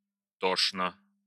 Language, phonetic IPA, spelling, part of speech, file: Russian, [ˈtoʂnə], тошно, adverb / adjective, Ru-тошно.ogg
- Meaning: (adverb) 1. disgustingly, sickeningly 2. miserably; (adjective) 1. it is nauseating, it is sickening 2. it is miserable, it is wretched 3. it is anguishing